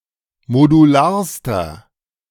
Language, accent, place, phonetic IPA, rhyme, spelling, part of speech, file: German, Germany, Berlin, [moduˈlaːɐ̯stɐ], -aːɐ̯stɐ, modularster, adjective, De-modularster.ogg
- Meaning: inflection of modular: 1. strong/mixed nominative masculine singular superlative degree 2. strong genitive/dative feminine singular superlative degree 3. strong genitive plural superlative degree